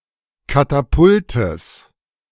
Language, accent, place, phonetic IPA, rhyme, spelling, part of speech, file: German, Germany, Berlin, [ˌkataˈpʊltəs], -ʊltəs, Katapultes, noun, De-Katapultes.ogg
- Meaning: genitive singular of Katapult